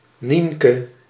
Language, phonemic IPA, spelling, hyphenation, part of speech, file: Dutch, /ˈniŋ.kə/, Nienke, Nien‧ke, proper noun, Nl-Nienke.ogg
- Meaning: a diminutive of the female given name Catharina